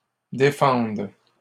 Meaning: second-person singular present subjunctive of défendre
- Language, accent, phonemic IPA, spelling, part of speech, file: French, Canada, /de.fɑ̃d/, défendes, verb, LL-Q150 (fra)-défendes.wav